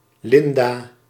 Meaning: a female given name
- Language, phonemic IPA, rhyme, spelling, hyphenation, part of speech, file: Dutch, /ˈlɪn.daː/, -ɪndaː, Linda, Lin‧da, proper noun, Nl-Linda.ogg